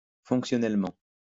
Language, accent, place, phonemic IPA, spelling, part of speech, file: French, France, Lyon, /fɔ̃k.sjɔ.nɛl.mɑ̃/, fonctionnellement, adverb, LL-Q150 (fra)-fonctionnellement.wav
- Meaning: functionally